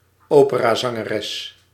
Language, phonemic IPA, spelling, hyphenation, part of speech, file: Dutch, /ˈoː.pə.raː.zɑ.ŋəˌrɛs/, operazangeres, ope‧ra‧zan‧ge‧res, noun, Nl-operazangeres.ogg
- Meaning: a female opera singer, a woman who sings opera